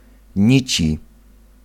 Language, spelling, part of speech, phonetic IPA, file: Polish, nici, noun, [ˈɲit͡ɕi], Pl-nici.ogg